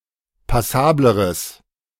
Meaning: strong/mixed nominative/accusative neuter singular comparative degree of passabel
- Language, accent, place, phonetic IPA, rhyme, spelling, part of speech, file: German, Germany, Berlin, [paˈsaːbləʁəs], -aːbləʁəs, passableres, adjective, De-passableres.ogg